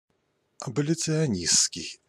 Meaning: abolitionist (relating to abolitionism or abolitionists)
- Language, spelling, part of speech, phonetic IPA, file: Russian, аболиционистский, adjective, [ɐbəlʲɪt͡sɨɐˈnʲist͡skʲɪj], Ru-аболиционистский.ogg